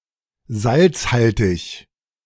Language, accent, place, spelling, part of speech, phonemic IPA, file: German, Germany, Berlin, salzhaltig, adjective, /ˈzaltsˌhaltɪç/, De-salzhaltig.ogg
- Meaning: saline